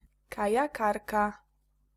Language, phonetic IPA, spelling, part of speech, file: Polish, [ˌkajaˈkarka], kajakarka, noun, Pl-kajakarka.ogg